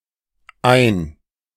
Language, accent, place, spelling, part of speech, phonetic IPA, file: German, Germany, Berlin, ein-, prefix, [ʔaɪ̯n], De-ein-.ogg
- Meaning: 1. generally indicating (concrete or abstract/metaphorical) motion into something 2. one, mono-, uni-